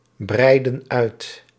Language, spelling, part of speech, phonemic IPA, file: Dutch, breiden uit, verb, /ˈbrɛidə(n) ˈœyt/, Nl-breiden uit.ogg
- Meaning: inflection of uitbreiden: 1. plural present indicative 2. plural present subjunctive